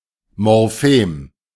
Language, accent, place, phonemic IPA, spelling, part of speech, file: German, Germany, Berlin, /mɔʁˈfeːm/, Morphem, noun, De-Morphem.ogg
- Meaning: morpheme